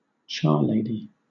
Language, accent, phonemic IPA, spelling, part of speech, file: English, Southern England, /ˈtʃɑːˌleɪ.di/, charlady, noun, LL-Q1860 (eng)-charlady.wav
- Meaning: A woman who cleans houses and offices as an occupation